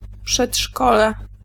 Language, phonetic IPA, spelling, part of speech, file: Polish, [pʃɛṭˈʃkɔlɛ], przedszkole, noun, Pl-przedszkole.ogg